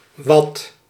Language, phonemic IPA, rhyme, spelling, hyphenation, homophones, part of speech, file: Dutch, /ʋɑt/, -ɑt, wat, wat, wad / watt, pronoun / determiner / adverb, Nl-wat.ogg
- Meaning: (pronoun) what: 1. e.g. (1) asking for a subject complement; (2) asking for a sentence object 2. e.g. (1) as the object of a sentence; (2) ditto